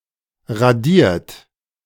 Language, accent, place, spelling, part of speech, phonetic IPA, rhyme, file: German, Germany, Berlin, radiert, verb, [ʁaˈdiːɐ̯t], -iːɐ̯t, De-radiert.ogg
- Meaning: 1. past participle of radieren 2. inflection of radieren: third-person singular present 3. inflection of radieren: second-person plural present 4. inflection of radieren: plural imperative